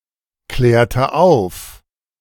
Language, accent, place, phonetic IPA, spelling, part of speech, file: German, Germany, Berlin, [ˌklɛːɐ̯tə ˈaʊ̯f], klärte auf, verb, De-klärte auf.ogg
- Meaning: inflection of aufklären: 1. first/third-person singular preterite 2. first/third-person singular subjunctive II